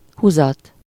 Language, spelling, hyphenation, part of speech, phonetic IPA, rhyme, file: Hungarian, huzat, hu‧zat, noun, [ˈhuzɒt], -ɒt, Hu-huzat.ogg
- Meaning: 1. cover (on a piece of furniture or a pillow or a blanket) 2. draft, draught (a current of air)